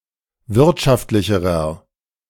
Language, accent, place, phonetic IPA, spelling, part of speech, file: German, Germany, Berlin, [ˈvɪʁtʃaftlɪçəʁɐ], wirtschaftlicherer, adjective, De-wirtschaftlicherer.ogg
- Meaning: inflection of wirtschaftlich: 1. strong/mixed nominative masculine singular comparative degree 2. strong genitive/dative feminine singular comparative degree